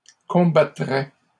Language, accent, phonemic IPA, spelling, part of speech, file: French, Canada, /kɔ̃.ba.tʁɛ/, combattrais, verb, LL-Q150 (fra)-combattrais.wav
- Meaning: first/second-person singular conditional of combattre